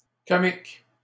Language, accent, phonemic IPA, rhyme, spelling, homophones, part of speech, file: French, Canada, /kɔ.mik/, -ik, comiques, comique, adjective / noun, LL-Q150 (fra)-comiques.wav
- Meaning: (adjective) plural of comique